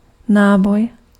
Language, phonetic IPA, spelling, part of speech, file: Czech, [ˈnaːboj], náboj, noun, Cs-náboj.ogg
- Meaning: 1. cartridge (firearms) 2. charge (physics) 3. hub (of a wheel)